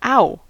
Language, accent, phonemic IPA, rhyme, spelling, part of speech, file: English, US, /ˈaʊ/, -aʊ, ow, interjection / noun, En-us-ow.ogg
- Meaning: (interjection) 1. Synonym of ouch (“cry of pain”) 2. Used for emotional emphasis; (noun) An uttering of an 'ow'